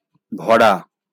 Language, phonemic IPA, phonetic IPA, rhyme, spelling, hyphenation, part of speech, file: Bengali, /bʰɔ.ra/, [ˈbʱɔ.ra], -ɔra, ভরা, ভ‧রা, verb, LL-Q9610 (ben)-ভরা.wav
- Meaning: to fill; to stuff; to pack in